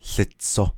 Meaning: it is yellow
- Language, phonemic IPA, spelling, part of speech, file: Navajo, /ɬɪ̀t͡sʰò/, łitso, verb, Nv-łitso.ogg